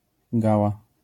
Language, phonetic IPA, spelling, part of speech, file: Polish, [ˈɡawa], gała, noun, LL-Q809 (pol)-gała.wav